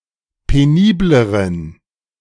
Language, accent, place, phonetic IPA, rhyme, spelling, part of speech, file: German, Germany, Berlin, [peˈniːbləʁən], -iːbləʁən, penibleren, adjective, De-penibleren.ogg
- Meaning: inflection of penibel: 1. strong genitive masculine/neuter singular comparative degree 2. weak/mixed genitive/dative all-gender singular comparative degree